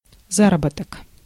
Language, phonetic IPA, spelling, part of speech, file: Russian, [ˈzarəbətək], заработок, noun, Ru-заработок.ogg
- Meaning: earnings, income; wages, pay